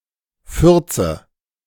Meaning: nominative/accusative/genitive plural of Furz
- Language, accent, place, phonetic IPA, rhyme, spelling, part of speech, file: German, Germany, Berlin, [ˈfʏʁt͡sə], -ʏʁt͡sə, Fürze, noun, De-Fürze.ogg